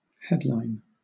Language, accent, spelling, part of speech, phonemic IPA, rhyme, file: English, Southern England, headline, noun / verb, /ˈhɛd.laɪn/, -ɛdlaɪn, LL-Q1860 (eng)-headline.wav
- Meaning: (noun) A rope.: 1. Any of various type of rope used to attach a sail to a yard 2. A rope or chain used to attach the bow of a vessel to the shore or to another vessel